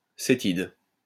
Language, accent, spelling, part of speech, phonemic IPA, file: French, France, cétide, noun, /se.tid/, LL-Q150 (fra)-cétide.wav
- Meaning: ketide